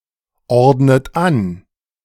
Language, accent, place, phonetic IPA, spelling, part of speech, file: German, Germany, Berlin, [ˌɔʁdnət ˈan], ordnet an, verb, De-ordnet an.ogg
- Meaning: inflection of anordnen: 1. second-person plural present 2. second-person plural subjunctive I 3. third-person singular present 4. plural imperative